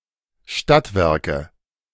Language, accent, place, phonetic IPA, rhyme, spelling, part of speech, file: German, Germany, Berlin, [ˈʃtatˌvɛʁkə], -atvɛʁkə, Stadtwerke, noun, De-Stadtwerke.ogg
- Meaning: city utility companies